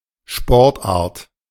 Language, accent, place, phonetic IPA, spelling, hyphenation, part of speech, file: German, Germany, Berlin, [ˈʃpɔʁtʔaːɐ̯t], Sportart, Sport‧art, noun, De-Sportart.ogg
- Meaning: sport, type of sport